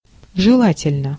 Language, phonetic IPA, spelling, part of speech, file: Russian, [ʐɨˈɫatʲɪlʲnə], желательно, adjective, Ru-желательно.ogg
- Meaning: 1. it is advisable, it is useful, it is good 2. one wants 3. short neuter singular of жела́тельный (želátelʹnyj)